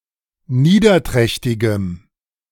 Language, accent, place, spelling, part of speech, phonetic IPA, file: German, Germany, Berlin, niederträchtigem, adjective, [ˈniːdɐˌtʁɛçtɪɡəm], De-niederträchtigem.ogg
- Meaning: strong dative masculine/neuter singular of niederträchtig